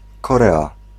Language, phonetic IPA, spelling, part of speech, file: Polish, [kɔˈrɛa], Korea, proper noun, Pl-Korea.ogg